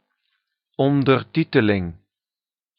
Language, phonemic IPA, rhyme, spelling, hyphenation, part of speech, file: Dutch, /ˌɔn.dərˈti.tə.lɪŋ/, -itəlɪŋ, ondertiteling, on‧der‧ti‧te‧ling, noun, Nl-ondertiteling.ogg
- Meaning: the subtitles to a video in a particular language (see usage note); sub